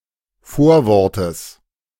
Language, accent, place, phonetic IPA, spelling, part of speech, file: German, Germany, Berlin, [ˈfoːɐ̯ˌvɔʁtəs], Vorwortes, noun, De-Vorwortes.ogg
- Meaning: genitive singular of Vorwort